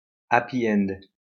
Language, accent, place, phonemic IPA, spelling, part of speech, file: French, France, Lyon, /a.pi ɛnd/, happy end, noun, LL-Q150 (fra)-happy end.wav
- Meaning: happy ending